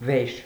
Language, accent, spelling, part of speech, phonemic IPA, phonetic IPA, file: Armenian, Eastern Armenian, վեր, adverb / noun / adjective / postposition, /veɾ/, [veɾ], Hy-վեր.ogg
- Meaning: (adverb) up; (noun) upside, upper part; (adjective) 1. more than 2. beyond; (postposition) higher than